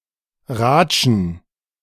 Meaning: plural of Ratsche
- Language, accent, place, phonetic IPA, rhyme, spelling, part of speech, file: German, Germany, Berlin, [ˈʁaːt͡ʃn̩], -aːt͡ʃn̩, Ratschen, noun, De-Ratschen.ogg